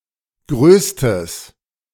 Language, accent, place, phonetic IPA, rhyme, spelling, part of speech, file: German, Germany, Berlin, [ˈɡʁøːstəs], -øːstəs, größtes, adjective, De-größtes.ogg
- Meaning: strong/mixed nominative/accusative neuter singular superlative degree of groß